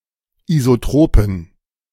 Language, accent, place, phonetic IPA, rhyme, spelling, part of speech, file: German, Germany, Berlin, [izoˈtʁoːpn̩], -oːpn̩, isotropen, adjective, De-isotropen.ogg
- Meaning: inflection of isotrop: 1. strong genitive masculine/neuter singular 2. weak/mixed genitive/dative all-gender singular 3. strong/weak/mixed accusative masculine singular 4. strong dative plural